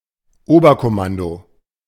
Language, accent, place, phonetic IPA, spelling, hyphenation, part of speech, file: German, Germany, Berlin, [ˈoːbɐkɔˌmando], Oberkommando, Ober‧kom‧man‧do, noun, De-Oberkommando.ogg
- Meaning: high command